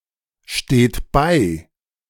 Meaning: inflection of beistehen: 1. third-person singular present 2. second-person plural present 3. plural imperative
- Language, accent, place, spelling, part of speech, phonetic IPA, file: German, Germany, Berlin, steht bei, verb, [ˌʃteːt ˈbaɪ̯], De-steht bei.ogg